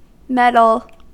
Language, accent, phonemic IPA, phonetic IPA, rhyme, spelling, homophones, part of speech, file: English, US, /ˈmɛd.əl/, [ˈmɛɾəɫ], -ɛdəl, meddle, medal, verb, En-us-meddle.ogg
- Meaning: 1. To interfere in or with; to concern oneself with unduly 2. To interest or engage oneself; to have to do (with), in a good sense